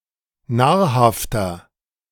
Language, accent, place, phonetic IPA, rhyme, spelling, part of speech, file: German, Germany, Berlin, [ˈnaːɐ̯ˌhaftɐ], -aːɐ̯haftɐ, nahrhafter, adjective, De-nahrhafter.ogg
- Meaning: 1. comparative degree of nahrhaft 2. inflection of nahrhaft: strong/mixed nominative masculine singular 3. inflection of nahrhaft: strong genitive/dative feminine singular